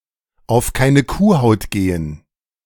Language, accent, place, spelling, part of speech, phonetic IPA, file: German, Germany, Berlin, auf keine Kuhhaut gehen, verb, [aʊ̯f ˈkaɪ̯nə ˈkuːˌhaʊ̯t ˈɡeːən], De-auf keine Kuhhaut gehen.ogg
- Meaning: to be unbelievable